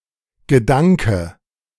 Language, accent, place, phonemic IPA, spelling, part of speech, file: German, Germany, Berlin, /ɡəˈdaŋkə/, Gedanke, noun, De-Gedanke.ogg
- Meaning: 1. a thought [with an (+ accusative) ‘[of/about] (something)’] 2. idea, plan 3. concept